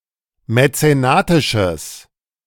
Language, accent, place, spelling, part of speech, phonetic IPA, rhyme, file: German, Germany, Berlin, mäzenatisches, adjective, [mɛt͡seˈnaːtɪʃəs], -aːtɪʃəs, De-mäzenatisches.ogg
- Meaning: strong/mixed nominative/accusative neuter singular of mäzenatisch